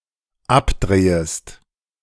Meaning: second-person singular dependent subjunctive I of abdrehen
- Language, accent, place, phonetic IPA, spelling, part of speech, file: German, Germany, Berlin, [ˈapˌdʁeːəst], abdrehest, verb, De-abdrehest.ogg